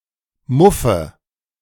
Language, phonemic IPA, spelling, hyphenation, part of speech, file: German, /ˈmʊfə/, Muffe, Muf‧fe, noun, De-Muffe.ogg
- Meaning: 1. nominative/accusative/genitive plural of Muff 2. dative singular of Muff